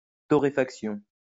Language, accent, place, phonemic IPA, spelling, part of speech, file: French, France, Lyon, /tɔ.ʁe.fak.sjɔ̃/, torréfaction, noun, LL-Q150 (fra)-torréfaction.wav
- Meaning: roasting (especially of coffee)